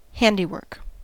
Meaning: 1. Work done by the hands 2. A handmade object; a handicraft 3. Work done personally 4. The result of personal efforts
- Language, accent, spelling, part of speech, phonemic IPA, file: English, US, handiwork, noun, /ˈhændiˌwɝk/, En-us-handiwork.ogg